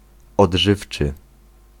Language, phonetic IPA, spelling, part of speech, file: Polish, [ɔḍˈʒɨft͡ʃɨ], odżywczy, adjective, Pl-odżywczy.ogg